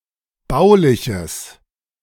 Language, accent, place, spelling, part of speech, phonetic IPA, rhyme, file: German, Germany, Berlin, bauliches, adjective, [ˈbaʊ̯lɪçəs], -aʊ̯lɪçəs, De-bauliches.ogg
- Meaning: strong/mixed nominative/accusative neuter singular of baulich